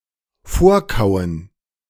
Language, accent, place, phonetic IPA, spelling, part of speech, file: German, Germany, Berlin, [ˈfoːɐ̯ˌkaʊ̯ən], vorkauen, verb, De-vorkauen.ogg
- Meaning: to premasticate